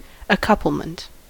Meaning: 1. The act of coupling, or the state of being coupled; union 2. That which couples, as a tie or brace
- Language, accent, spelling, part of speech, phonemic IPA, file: English, US, accouplement, noun, /əˈkʌpəlmənt/, En-us-accouplement.ogg